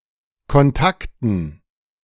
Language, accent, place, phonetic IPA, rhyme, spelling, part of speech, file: German, Germany, Berlin, [kɔnˈtaktn̩], -aktn̩, Kontakten, noun, De-Kontakten.ogg
- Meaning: dative plural of Kontakt